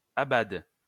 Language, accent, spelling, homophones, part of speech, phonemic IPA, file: French, France, abade, abadent / abades, verb, /a.bad/, LL-Q150 (fra)-abade.wav
- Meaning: inflection of abader: 1. first/third-person singular present indicative/subjunctive 2. second-person singular imperative